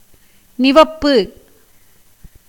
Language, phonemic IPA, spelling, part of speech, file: Tamil, /nɪʋɐpːɯ/, நிவப்பு, noun, Ta-நிவப்பு.ogg
- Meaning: height, elevation